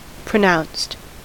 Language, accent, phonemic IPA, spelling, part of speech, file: English, US, /pɹəˈnaʊnst/, pronounced, adjective / verb, En-us-pronounced.ogg
- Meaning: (adjective) 1. Uttered, articulated 2. Strongly marked; assertive; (verb) simple past and past participle of pronounce